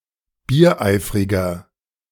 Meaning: inflection of biereifrig: 1. strong/mixed nominative masculine singular 2. strong genitive/dative feminine singular 3. strong genitive plural
- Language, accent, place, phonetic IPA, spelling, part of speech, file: German, Germany, Berlin, [biːɐ̯ˈʔaɪ̯fʁɪɡɐ], biereifriger, adjective, De-biereifriger.ogg